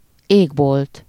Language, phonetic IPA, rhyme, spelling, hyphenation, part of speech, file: Hungarian, [ˈeːɡbolt], -olt, égbolt, ég‧bolt, noun, Hu-égbolt.ogg
- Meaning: sky